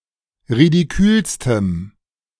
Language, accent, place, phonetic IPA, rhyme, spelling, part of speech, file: German, Germany, Berlin, [ʁidiˈkyːlstəm], -yːlstəm, ridikülstem, adjective, De-ridikülstem.ogg
- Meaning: strong dative masculine/neuter singular superlative degree of ridikül